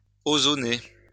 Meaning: to ozonate
- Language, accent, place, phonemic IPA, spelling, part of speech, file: French, France, Lyon, /o.zɔ.ne/, ozoner, verb, LL-Q150 (fra)-ozoner.wav